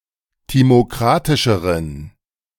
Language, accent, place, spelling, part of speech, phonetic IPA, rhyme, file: German, Germany, Berlin, timokratischeren, adjective, [ˌtimoˈkʁatɪʃəʁən], -atɪʃəʁən, De-timokratischeren.ogg
- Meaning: inflection of timokratisch: 1. strong genitive masculine/neuter singular comparative degree 2. weak/mixed genitive/dative all-gender singular comparative degree